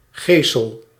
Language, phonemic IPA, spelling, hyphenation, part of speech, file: Dutch, /ˈɣeːsəl/, gesel, ge‧sel, noun / verb, Nl-gesel.ogg
- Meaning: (noun) scourge (a whip often of leather); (verb) inflection of geselen: 1. first-person singular present indicative 2. second-person singular present indicative 3. imperative